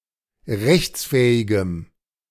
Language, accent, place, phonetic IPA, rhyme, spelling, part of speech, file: German, Germany, Berlin, [ˈʁɛçt͡sˌfɛːɪɡəm], -ɛçt͡sfɛːɪɡəm, rechtsfähigem, adjective, De-rechtsfähigem.ogg
- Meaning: strong dative masculine/neuter singular of rechtsfähig